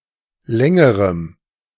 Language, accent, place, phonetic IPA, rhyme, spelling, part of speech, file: German, Germany, Berlin, [ˈlɛŋəʁəm], -ɛŋəʁəm, längerem, adjective, De-längerem.ogg
- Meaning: strong dative masculine/neuter singular comparative degree of lang